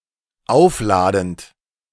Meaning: present participle of aufladen
- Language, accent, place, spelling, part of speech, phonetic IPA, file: German, Germany, Berlin, aufladend, verb, [ˈaʊ̯fˌlaːdn̩t], De-aufladend.ogg